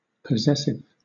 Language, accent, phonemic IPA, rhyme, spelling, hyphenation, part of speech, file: English, Southern England, /pəˈzɛs.ɪv/, -ɛsɪv, possessive, pos‧ses‧sive, adjective / noun, LL-Q1860 (eng)-possessive.wav
- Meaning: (adjective) 1. Of or pertaining to ownership or possession 2. Indicating ownership, possession, origin, etc 3. Unwilling to yield possession of; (noun) The possessive case